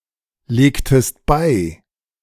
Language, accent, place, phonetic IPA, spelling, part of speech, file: German, Germany, Berlin, [ˌleːktəst ˈbaɪ̯], legtest bei, verb, De-legtest bei.ogg
- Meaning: inflection of beilegen: 1. second-person singular preterite 2. second-person singular subjunctive II